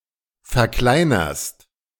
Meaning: second-person singular present of verkleinern
- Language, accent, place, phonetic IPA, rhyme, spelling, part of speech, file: German, Germany, Berlin, [fɛɐ̯ˈklaɪ̯nɐst], -aɪ̯nɐst, verkleinerst, verb, De-verkleinerst.ogg